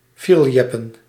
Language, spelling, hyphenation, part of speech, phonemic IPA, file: Dutch, fierljeppen, fier‧ljep‧pen, verb / noun, /ˈfiːr(ə)ljɛpə(n)/, Nl-fierljeppen.ogg
- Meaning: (verb) to perform fierljeppen; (noun) fierljeppen